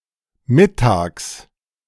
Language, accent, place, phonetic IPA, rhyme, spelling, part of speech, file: German, Germany, Berlin, [ˈmɪtaːks], -ɪtaːks, Mittags, noun, De-Mittags.ogg
- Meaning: genitive singular of Mittag